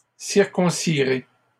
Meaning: second-person plural simple future of circoncire
- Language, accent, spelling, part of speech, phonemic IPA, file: French, Canada, circoncirez, verb, /siʁ.kɔ̃.si.ʁe/, LL-Q150 (fra)-circoncirez.wav